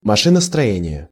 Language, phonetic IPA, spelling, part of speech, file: Russian, [mɐˌʂɨnəstrɐˈjenʲɪje], машиностроение, noun, Ru-машиностроение.ogg
- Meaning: 1. mechanical engineering 2. engineering, the work of an engineer